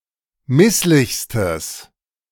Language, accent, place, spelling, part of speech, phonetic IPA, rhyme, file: German, Germany, Berlin, misslichstes, adjective, [ˈmɪslɪçstəs], -ɪslɪçstəs, De-misslichstes.ogg
- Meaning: strong/mixed nominative/accusative neuter singular superlative degree of misslich